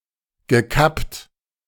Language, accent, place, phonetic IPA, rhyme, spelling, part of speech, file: German, Germany, Berlin, [ɡəˈkapt], -apt, gekappt, verb, De-gekappt.ogg
- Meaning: past participle of kappen